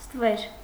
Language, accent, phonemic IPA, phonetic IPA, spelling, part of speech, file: Armenian, Eastern Armenian, /stəˈveɾ/, [stəvéɾ], ստվեր, noun, Hy-ստվեր.ogg
- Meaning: shadow, shade